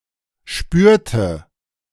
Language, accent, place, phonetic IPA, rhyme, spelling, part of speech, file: German, Germany, Berlin, [ˈʃpyːɐ̯tə], -yːɐ̯tə, spürte, verb, De-spürte.ogg
- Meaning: inflection of spüren: 1. first/third-person singular preterite 2. first/third-person singular subjunctive II